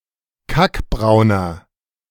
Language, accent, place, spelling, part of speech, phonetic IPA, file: German, Germany, Berlin, kackbrauner, adjective, [ˈkakˌbʁaʊ̯nɐ], De-kackbrauner.ogg
- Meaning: 1. comparative degree of kackbraun 2. inflection of kackbraun: strong/mixed nominative masculine singular 3. inflection of kackbraun: strong genitive/dative feminine singular